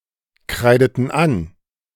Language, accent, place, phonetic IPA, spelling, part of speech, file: German, Germany, Berlin, [ˌkʁaɪ̯dətn̩ ˈan], kreideten an, verb, De-kreideten an.ogg
- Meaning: inflection of ankreiden: 1. first/third-person plural preterite 2. first/third-person plural subjunctive II